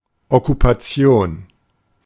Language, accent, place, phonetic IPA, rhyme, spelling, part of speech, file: German, Germany, Berlin, [ɔkupaˈt͡si̯oːn], -oːn, Okkupation, noun, De-Okkupation.ogg
- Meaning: occupation